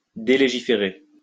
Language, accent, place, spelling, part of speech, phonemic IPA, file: French, France, Lyon, délégiférer, verb, /de.le.ʒi.fe.ʁe/, LL-Q150 (fra)-délégiférer.wav
- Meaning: to delegislate (repeal legislation)